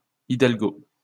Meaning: hidalgo
- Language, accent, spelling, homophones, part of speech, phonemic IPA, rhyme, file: French, France, hidalgo, hidalgos, noun, /i.dal.ɡo/, -o, LL-Q150 (fra)-hidalgo.wav